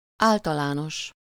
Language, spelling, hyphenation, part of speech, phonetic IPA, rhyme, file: Hungarian, általános, ál‧ta‧lá‧nos, adjective, [ˈaːltɒlaːnoʃ], -oʃ, Hu-általános.ogg
- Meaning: general (not specific or particular)